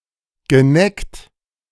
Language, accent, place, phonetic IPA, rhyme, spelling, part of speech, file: German, Germany, Berlin, [ɡəˈnɛkt], -ɛkt, geneckt, verb, De-geneckt.ogg
- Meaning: past participle of necken